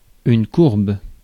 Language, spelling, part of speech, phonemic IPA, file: French, courbe, noun / adjective, /kuʁb/, Fr-courbe.ogg
- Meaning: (noun) curve; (adjective) 1. curved 2. bent (not straight)